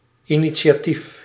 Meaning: initiative
- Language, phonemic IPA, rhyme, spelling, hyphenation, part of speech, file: Dutch, /i.ni.sjaːˈtif/, -if, initiatief, ini‧ti‧a‧tief, noun, Nl-initiatief.ogg